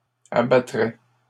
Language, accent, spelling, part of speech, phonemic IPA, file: French, Canada, abattrait, verb, /a.ba.tʁɛ/, LL-Q150 (fra)-abattrait.wav
- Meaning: third-person singular conditional of abattre